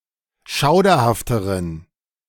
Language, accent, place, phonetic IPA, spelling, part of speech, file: German, Germany, Berlin, [ˈʃaʊ̯dɐhaftəʁən], schauderhafteren, adjective, De-schauderhafteren.ogg
- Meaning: inflection of schauderhaft: 1. strong genitive masculine/neuter singular comparative degree 2. weak/mixed genitive/dative all-gender singular comparative degree